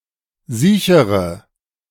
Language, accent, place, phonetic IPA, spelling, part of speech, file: German, Germany, Berlin, [ˈziːçəʁə], siechere, adjective, De-siechere.ogg
- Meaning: inflection of siech: 1. strong/mixed nominative/accusative feminine singular comparative degree 2. strong nominative/accusative plural comparative degree